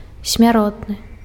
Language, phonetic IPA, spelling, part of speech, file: Belarusian, [sʲmʲaˈrotnɨ], смяротны, adjective, Be-смяротны.ogg
- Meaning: mortal